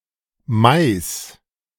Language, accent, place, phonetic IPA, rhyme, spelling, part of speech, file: German, Germany, Berlin, [maɪ̯s], -aɪ̯s, Mice, noun, De-Mice.ogg
- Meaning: nominative/accusative/genitive plural of Mouse